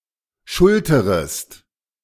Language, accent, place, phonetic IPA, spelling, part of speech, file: German, Germany, Berlin, [ˈʃʊltəʁəst], schulterest, verb, De-schulterest.ogg
- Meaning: second-person singular subjunctive I of schultern